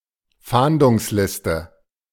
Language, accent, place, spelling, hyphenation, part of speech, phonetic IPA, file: German, Germany, Berlin, Fahndungsliste, Fahn‧dungs‧lis‧te, noun, [ˈfaːndʊŋsˌlɪstə], De-Fahndungsliste.ogg
- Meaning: wanted list